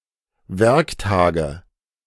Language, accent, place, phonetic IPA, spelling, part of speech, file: German, Germany, Berlin, [ˈvɛʁkˌtaːɡə], Werktage, noun, De-Werktage.ogg
- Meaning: nominative/accusative/genitive plural of Werktag